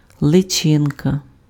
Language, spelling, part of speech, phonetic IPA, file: Ukrainian, личинка, noun, [ɫeˈt͡ʃɪnkɐ], Uk-личинка.ogg
- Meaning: larva, grub, maggot